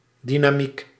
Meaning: dynamic (force)
- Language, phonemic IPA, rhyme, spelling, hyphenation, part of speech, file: Dutch, /ˌdi.naːˈmik/, -ik, dynamiek, dy‧na‧miek, noun, Nl-dynamiek.ogg